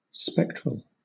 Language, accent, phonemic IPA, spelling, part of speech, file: English, Southern England, /ˈspɛktɹəɫ/, spectral, adjective, LL-Q1860 (eng)-spectral.wav
- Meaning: 1. Of, or pertaining to, spectres; ghostly 2. Of, or pertaining to, spectra; classified according to frequency or wavelength (of light, etc.) 3. On the spectrum; spectrumy